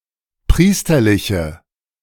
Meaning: inflection of priesterlich: 1. strong/mixed nominative/accusative feminine singular 2. strong nominative/accusative plural 3. weak nominative all-gender singular
- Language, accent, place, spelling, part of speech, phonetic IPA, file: German, Germany, Berlin, priesterliche, adjective, [ˈpʁiːstɐlɪçə], De-priesterliche.ogg